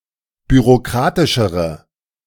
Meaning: inflection of bürokratisch: 1. strong/mixed nominative/accusative feminine singular comparative degree 2. strong nominative/accusative plural comparative degree
- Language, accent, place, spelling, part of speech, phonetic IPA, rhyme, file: German, Germany, Berlin, bürokratischere, adjective, [byʁoˈkʁaːtɪʃəʁə], -aːtɪʃəʁə, De-bürokratischere.ogg